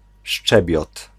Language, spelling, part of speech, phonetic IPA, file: Polish, szczebiot, noun, [ˈʃt͡ʃɛbʲjɔt], Pl-szczebiot.ogg